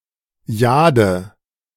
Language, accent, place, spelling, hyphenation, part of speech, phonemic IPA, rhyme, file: German, Germany, Berlin, Jade, Ja‧de, noun, /ˈjaːdə/, -aːdə, De-Jade.ogg
- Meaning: 1. jade (gem) 2. an artifact made of jade